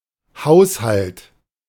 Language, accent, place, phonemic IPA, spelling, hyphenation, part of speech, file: German, Germany, Berlin, /ˈhaʊ̯shalt/, Haushalt, Haus‧halt, noun, De-Haushalt.ogg
- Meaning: 1. household (collectively, all the persons who live in a given home) 2. budget (itemized summary of intended expenditure and expected revenue) 3. housework (domestic chores)